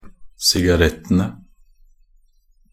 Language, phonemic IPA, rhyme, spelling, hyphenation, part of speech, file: Norwegian Bokmål, /sɪɡaˈrɛtːənə/, -ənə, sigarettene, si‧ga‧rett‧en‧e, noun, Nb-sigarettene.ogg
- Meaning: definite plural of sigarett